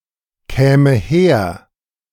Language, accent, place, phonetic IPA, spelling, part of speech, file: German, Germany, Berlin, [ˌkɛːmə ˈheːɐ̯], käme her, verb, De-käme her.ogg
- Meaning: first/third-person singular subjunctive II of herkommen